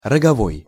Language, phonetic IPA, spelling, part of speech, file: Russian, [rəɡɐˈvoj], роговой, adjective, Ru-роговой.ogg
- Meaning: 1. horn (substance or instrument) 2. horny (made of horn)